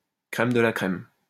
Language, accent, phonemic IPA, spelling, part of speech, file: French, France, /kʁɛm də la kʁɛm/, crème de la crème, noun, LL-Q150 (fra)-crème de la crème.wav
- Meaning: crème de la crème (the best of something)